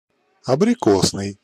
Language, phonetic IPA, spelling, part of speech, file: Russian, [ɐbrʲɪˈkosnɨj], абрикосный, adjective, Ru-абрикосный.ogg
- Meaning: 1. apricot 2. apricot (colour)